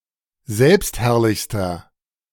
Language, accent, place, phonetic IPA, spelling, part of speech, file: German, Germany, Berlin, [ˈzɛlpstˌhɛʁlɪçstɐ], selbstherrlichster, adjective, De-selbstherrlichster.ogg
- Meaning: inflection of selbstherrlich: 1. strong/mixed nominative masculine singular superlative degree 2. strong genitive/dative feminine singular superlative degree